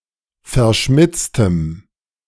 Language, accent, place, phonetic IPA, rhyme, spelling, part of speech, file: German, Germany, Berlin, [fɛɐ̯ˈʃmɪt͡stəm], -ɪt͡stəm, verschmitztem, adjective, De-verschmitztem.ogg
- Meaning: strong dative masculine/neuter singular of verschmitzt